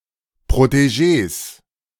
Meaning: plural of Protegé
- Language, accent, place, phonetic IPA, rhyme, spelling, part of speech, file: German, Germany, Berlin, [pʁoteˈʒeːs], -eːs, Protegés, noun, De-Protegés.ogg